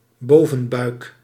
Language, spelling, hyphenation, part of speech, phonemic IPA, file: Dutch, bovenbuik, bo‧ven‧buik, noun, /ˈboː.və(n)ˌbœy̯k/, Nl-bovenbuik.ogg
- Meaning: the upper part of the abdominal cavity, epigastrium